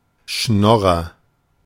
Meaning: freeloader
- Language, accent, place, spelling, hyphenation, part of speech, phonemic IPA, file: German, Germany, Berlin, Schnorrer, Schnor‧rer, noun, /ˈʃnɔʁɐ/, De-Schnorrer.ogg